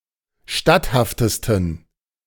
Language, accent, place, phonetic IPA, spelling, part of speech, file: German, Germany, Berlin, [ˈʃtathaftəstn̩], statthaftesten, adjective, De-statthaftesten.ogg
- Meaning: 1. superlative degree of statthaft 2. inflection of statthaft: strong genitive masculine/neuter singular superlative degree